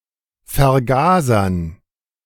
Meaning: dative plural of Vergaser
- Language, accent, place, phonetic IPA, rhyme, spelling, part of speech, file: German, Germany, Berlin, [fɛɐ̯ˈɡaːzɐn], -aːzɐn, Vergasern, noun, De-Vergasern.ogg